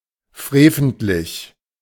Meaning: reprehensible, wicked
- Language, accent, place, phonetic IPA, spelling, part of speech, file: German, Germany, Berlin, [ˈfʁeːfn̩tlɪç], freventlich, adjective, De-freventlich.ogg